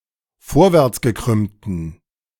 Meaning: inflection of vorwärtsgekrümmt: 1. strong genitive masculine/neuter singular 2. weak/mixed genitive/dative all-gender singular 3. strong/weak/mixed accusative masculine singular
- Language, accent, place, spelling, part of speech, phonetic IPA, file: German, Germany, Berlin, vorwärtsgekrümmten, adjective, [ˈfoːɐ̯vɛʁt͡sɡəˌkʁʏmtn̩], De-vorwärtsgekrümmten.ogg